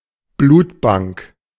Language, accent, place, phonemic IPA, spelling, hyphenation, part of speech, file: German, Germany, Berlin, /ˈbluːtˌbaŋk/, Blutbank, Blut‧bank, noun, De-Blutbank.ogg
- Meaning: blood bank